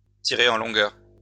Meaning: to drag on, to be protracted
- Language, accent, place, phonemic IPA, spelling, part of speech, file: French, France, Lyon, /ti.ʁe ɑ̃ lɔ̃.ɡœʁ/, tirer en longueur, verb, LL-Q150 (fra)-tirer en longueur.wav